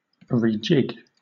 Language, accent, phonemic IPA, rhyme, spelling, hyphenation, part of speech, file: English, Southern England, /ɹiːˈd͡ʒɪɡ/, -ɪɡ, rejig, re‧jig, verb / noun, LL-Q1860 (eng)-rejig.wav
- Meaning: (verb) 1. To rearrange or tweak (something), especially in order to improve it or make it suitable for some purpose 2. To provide (a place, etc.) with new equipment or machinery; to reequip, to refit